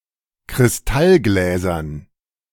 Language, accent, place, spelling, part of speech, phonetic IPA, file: German, Germany, Berlin, Kristallgläsern, noun, [kʁɪsˈtalˌɡlɛːzɐn], De-Kristallgläsern.ogg
- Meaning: dative plural of Kristallglas